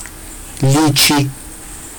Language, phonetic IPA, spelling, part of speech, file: Georgian, [lit͡ʃʰi], ლიჩი, noun, Ka-lichi.ogg
- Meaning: lichee, lichi, litchee, litchi, lychee